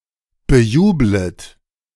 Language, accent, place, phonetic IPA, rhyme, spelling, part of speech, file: German, Germany, Berlin, [bəˈjuːblət], -uːblət, bejublet, verb, De-bejublet.ogg
- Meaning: second-person plural subjunctive I of bejubeln